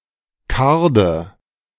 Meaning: 1. teasel (plant) 2. card
- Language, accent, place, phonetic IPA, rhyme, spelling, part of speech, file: German, Germany, Berlin, [ˈkaʁdə], -aʁdə, Karde, noun, De-Karde.ogg